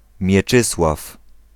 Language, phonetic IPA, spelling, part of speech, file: Polish, [mʲjɛˈt͡ʃɨswaf], Mieczysław, proper noun / noun, Pl-Mieczysław.ogg